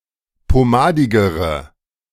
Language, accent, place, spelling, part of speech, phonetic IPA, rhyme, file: German, Germany, Berlin, pomadigere, adjective, [poˈmaːdɪɡəʁə], -aːdɪɡəʁə, De-pomadigere.ogg
- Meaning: inflection of pomadig: 1. strong/mixed nominative/accusative feminine singular comparative degree 2. strong nominative/accusative plural comparative degree